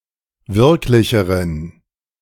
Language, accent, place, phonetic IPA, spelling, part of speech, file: German, Germany, Berlin, [ˈvɪʁklɪçəʁən], wirklicheren, adjective, De-wirklicheren.ogg
- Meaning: inflection of wirklich: 1. strong genitive masculine/neuter singular comparative degree 2. weak/mixed genitive/dative all-gender singular comparative degree